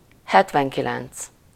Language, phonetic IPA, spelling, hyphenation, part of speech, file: Hungarian, [ˈhɛtvɛŋkilɛnt͡s], hetvenkilenc, het‧ven‧ki‧lenc, numeral, Hu-hetvenkilenc.ogg
- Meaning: seventy-nine